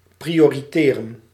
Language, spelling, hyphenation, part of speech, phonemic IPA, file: Dutch, prioriteren, pri‧o‧ri‧te‧ren, verb, /ˌpri.oː.riˈteː.rə(n)/, Nl-prioriteren.ogg
- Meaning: to prioritise